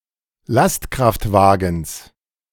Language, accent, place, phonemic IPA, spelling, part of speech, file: German, Germany, Berlin, /ˈlastkʁaftˌvaːɡn̩s/, Lastkraftwagens, noun, De-Lastkraftwagens.ogg
- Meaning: genitive singular of Lastkraftwagen